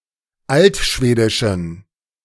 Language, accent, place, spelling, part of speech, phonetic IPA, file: German, Germany, Berlin, altschwedischen, adjective, [ˈaltˌʃveːdɪʃn̩], De-altschwedischen.ogg
- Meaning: inflection of altschwedisch: 1. strong genitive masculine/neuter singular 2. weak/mixed genitive/dative all-gender singular 3. strong/weak/mixed accusative masculine singular 4. strong dative plural